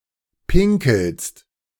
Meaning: second-person singular present of pinkeln
- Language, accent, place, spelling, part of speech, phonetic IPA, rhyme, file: German, Germany, Berlin, pinkelst, verb, [ˈpɪŋkl̩st], -ɪŋkl̩st, De-pinkelst.ogg